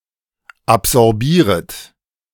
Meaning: second-person plural subjunctive I of absorbieren
- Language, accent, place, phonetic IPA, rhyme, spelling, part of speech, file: German, Germany, Berlin, [apzɔʁˈbiːʁət], -iːʁət, absorbieret, verb, De-absorbieret.ogg